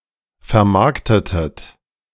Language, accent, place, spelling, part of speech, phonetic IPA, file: German, Germany, Berlin, vermarktetet, verb, [fɛɐ̯ˈmaʁktətət], De-vermarktetet.ogg
- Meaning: inflection of vermarkten: 1. second-person plural preterite 2. second-person plural subjunctive II